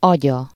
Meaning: third-person singular single-possession possessive of agy
- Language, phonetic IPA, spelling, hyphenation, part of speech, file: Hungarian, [ˈɒɟɒ], agya, agya, noun, Hu-agya.ogg